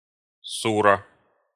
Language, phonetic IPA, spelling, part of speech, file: Russian, [ˈsurə], сура, noun, Ru-сура.ogg
- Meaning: sura (any of the 114 chapters of the Quran)